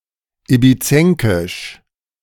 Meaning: of Ibiza; Ibizan (related to the Ibizian variety of Catalan or to the people and culture of Ibiza)
- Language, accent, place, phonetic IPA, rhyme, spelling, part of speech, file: German, Germany, Berlin, [ibiˈt͡sɛŋkɪʃ], -ɛŋkɪʃ, ibizenkisch, adjective, De-ibizenkisch.ogg